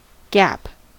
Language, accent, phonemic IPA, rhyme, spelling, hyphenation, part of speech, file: English, US, /ɡæp/, -æp, gap, gap, noun / verb, En-us-gap.ogg
- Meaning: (noun) 1. An opening in anything, made by breaking or parting 2. An opening allowing passage or entrance 3. An opening that implies a breach or defect 4. A vacant space or time